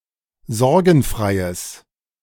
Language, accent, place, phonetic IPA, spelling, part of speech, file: German, Germany, Berlin, [ˈzɔʁɡn̩ˌfʁaɪ̯əs], sorgenfreies, adjective, De-sorgenfreies.ogg
- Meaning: strong/mixed nominative/accusative neuter singular of sorgenfrei